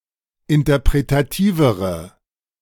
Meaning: inflection of interpretativ: 1. strong/mixed nominative/accusative feminine singular comparative degree 2. strong nominative/accusative plural comparative degree
- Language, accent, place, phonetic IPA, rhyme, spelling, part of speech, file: German, Germany, Berlin, [ɪntɐpʁetaˈtiːvəʁə], -iːvəʁə, interpretativere, adjective, De-interpretativere.ogg